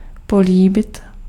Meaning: to kiss (to touch with the lips)
- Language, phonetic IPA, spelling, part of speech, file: Czech, [ˈpoliːbɪt], políbit, verb, Cs-políbit.ogg